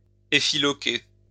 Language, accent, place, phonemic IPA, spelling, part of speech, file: French, France, Lyon, /e.fi.lɔ.ke/, effiloquer, verb, LL-Q150 (fra)-effiloquer.wav
- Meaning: to fray cloth into tatters